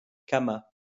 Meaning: third-person singular past historic of camer
- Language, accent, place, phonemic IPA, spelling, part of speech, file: French, France, Lyon, /ka.ma/, cama, verb, LL-Q150 (fra)-cama.wav